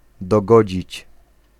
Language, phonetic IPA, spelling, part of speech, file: Polish, [dɔˈɡɔd͡ʑit͡ɕ], dogodzić, verb, Pl-dogodzić.ogg